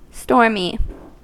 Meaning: 1. Of or pertaining to storms 2. Characterized by, or proceeding from, a storm; subject to storms; agitated with strong winds and heavy rain 3. Proceeding from violent agitation or fury
- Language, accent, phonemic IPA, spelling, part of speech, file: English, US, /ˈstɔɹmi/, stormy, adjective, En-us-stormy.ogg